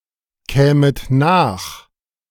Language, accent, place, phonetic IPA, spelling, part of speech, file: German, Germany, Berlin, [ˌkɛːmət ˈnaːx], kämet nach, verb, De-kämet nach.ogg
- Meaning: second-person plural subjunctive II of nachkommen